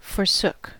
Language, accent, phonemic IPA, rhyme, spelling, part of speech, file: English, US, /fɔɹˈsʊk/, -ʊk, forsook, verb, En-us-forsook.ogg
- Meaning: simple past of forsake